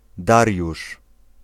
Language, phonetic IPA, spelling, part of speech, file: Polish, [ˈdarʲjuʃ], Dariusz, proper noun, Pl-Dariusz.ogg